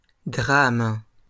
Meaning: 1. drama (piece of theatre) 2. drama (something entertaining or action-packed) 3. tragedy (shocking and saddening event)
- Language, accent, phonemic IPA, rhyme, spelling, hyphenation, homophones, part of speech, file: French, France, /dʁam/, -am, drame, drame, dram, noun, LL-Q150 (fra)-drame.wav